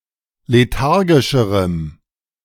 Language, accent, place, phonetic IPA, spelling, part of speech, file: German, Germany, Berlin, [leˈtaʁɡɪʃəʁəm], lethargischerem, adjective, De-lethargischerem.ogg
- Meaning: strong dative masculine/neuter singular comparative degree of lethargisch